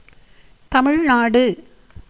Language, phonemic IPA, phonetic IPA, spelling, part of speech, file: Tamil, /t̪ɐmɪɻnɑːɖɯ/, [t̪ɐmɪɻnäːɖɯ], தமிழ்நாடு, proper noun, Ta-தமிழ்நாடு.ogg
- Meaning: 1. Tamil Nadu (a state in southern India) 2. the Tamil speaking lands as a whole